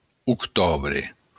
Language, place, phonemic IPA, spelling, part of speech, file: Occitan, Béarn, /ut.ˈtu.bre/, octobre, noun, LL-Q14185 (oci)-octobre.wav
- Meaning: October (month)